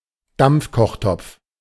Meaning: pressure cooker
- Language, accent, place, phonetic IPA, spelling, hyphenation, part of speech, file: German, Germany, Berlin, [ˈdampfkɔχˌtɔpf], Dampfkochtopf, Dampf‧koch‧topf, noun, De-Dampfkochtopf.ogg